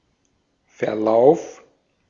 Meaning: 1. course (of a border, etc.) 2. course, progress, development 3. log, history (record of previous user events)
- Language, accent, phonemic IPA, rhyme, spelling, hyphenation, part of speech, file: German, Austria, /fɛɐ̯ˈlaʊ̯f/, -aʊ̯f, Verlauf, Ver‧lauf, noun, De-at-Verlauf.ogg